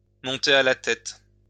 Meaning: to go to someone's head
- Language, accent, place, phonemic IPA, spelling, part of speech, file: French, France, Lyon, /mɔ̃.te a la tɛt/, monter à la tête, verb, LL-Q150 (fra)-monter à la tête.wav